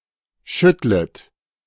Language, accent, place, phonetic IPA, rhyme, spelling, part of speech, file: German, Germany, Berlin, [ˈʃʏtlət], -ʏtlət, schüttlet, verb, De-schüttlet.ogg
- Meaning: second-person plural subjunctive I of schütteln